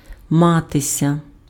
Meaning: 1. to be, to have 2. to live; to feel
- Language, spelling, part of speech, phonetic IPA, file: Ukrainian, матися, verb, [ˈmatesʲɐ], Uk-матися.ogg